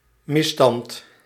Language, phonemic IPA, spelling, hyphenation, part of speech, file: Dutch, /ˈmɪs.stɑnt/, misstand, mis‧stand, noun, Nl-misstand.ogg
- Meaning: a wrongful state, action or circumstance; wrongdoing, misuse, injustice, abuse